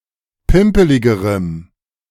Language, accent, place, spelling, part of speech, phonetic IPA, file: German, Germany, Berlin, pimpeligerem, adjective, [ˈpɪmpəlɪɡəʁəm], De-pimpeligerem.ogg
- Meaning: strong dative masculine/neuter singular comparative degree of pimpelig